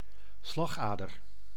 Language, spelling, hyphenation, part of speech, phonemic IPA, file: Dutch, slagader, slag‧ader, noun, /ˈslɑxˌaː.dər/, Nl-slagader.ogg
- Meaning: artery